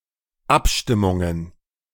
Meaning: plural of Abstimmung
- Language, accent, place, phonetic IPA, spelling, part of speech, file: German, Germany, Berlin, [ˈapˌʃtɪmʊŋən], Abstimmungen, noun, De-Abstimmungen.ogg